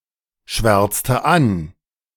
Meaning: inflection of anschwärzen: 1. first/third-person singular preterite 2. first/third-person singular subjunctive II
- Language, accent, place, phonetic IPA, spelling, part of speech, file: German, Germany, Berlin, [ˌʃvɛʁt͡stə ˈan], schwärzte an, verb, De-schwärzte an.ogg